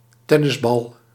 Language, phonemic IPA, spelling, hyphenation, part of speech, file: Dutch, /ˈtɛ.nəsˌbɑl/, tennisbal, ten‧nis‧bal, noun, Nl-tennisbal.ogg
- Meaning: tennis ball